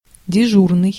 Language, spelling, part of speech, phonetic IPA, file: Russian, дежурный, adjective / noun, [dʲɪˈʐurnɨj], Ru-дежурный.ogg
- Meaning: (adjective) 1. on duty 2. standing 3. open extra hours (of a shop) 4. on call; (noun) person on duty/on call